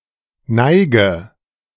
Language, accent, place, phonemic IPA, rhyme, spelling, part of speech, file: German, Germany, Berlin, /ˈnaɪ̯ɡə/, -aɪ̯ɡə, Neige, noun, De-Neige.ogg
- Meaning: 1. slope, decline 2. dregs, sediment